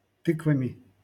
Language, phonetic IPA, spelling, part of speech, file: Russian, [ˈtɨkvəmʲɪ], тыквами, noun, LL-Q7737 (rus)-тыквами.wav
- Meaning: instrumental plural of ты́ква (týkva)